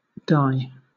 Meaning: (noun) 1. A colorant, especially one that has an affinity to the substrate to which it is applied 2. Any hue or color; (verb) To colour with dye, or as if with dye
- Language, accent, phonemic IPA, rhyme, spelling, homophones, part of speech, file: English, Southern England, /daɪ/, -aɪ, dye, die / Di / Dai / dy, noun / verb, LL-Q1860 (eng)-dye.wav